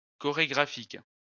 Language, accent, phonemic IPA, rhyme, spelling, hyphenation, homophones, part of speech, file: French, France, /kɔ.ʁe.ɡʁa.fik/, -ik, chorégraphique, cho‧ré‧gra‧phique, chorégraphiques, adjective, LL-Q150 (fra)-chorégraphique.wav
- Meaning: choreographic